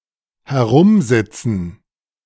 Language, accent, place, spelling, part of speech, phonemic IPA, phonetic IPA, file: German, Germany, Berlin, herumsitzen, verb, /he.ˈʁum.ˌzi.t͡sən/, [hɛ.ˈʁʊm.ˌzɪ.t͡s(ə)n], De-herumsitzen.ogg
- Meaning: to sit around; spend time sitting idly